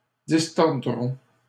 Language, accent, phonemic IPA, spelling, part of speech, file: French, Canada, /dis.tɔʁ.dʁɔ̃/, distordrons, verb, LL-Q150 (fra)-distordrons.wav
- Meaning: first-person plural simple future of distordre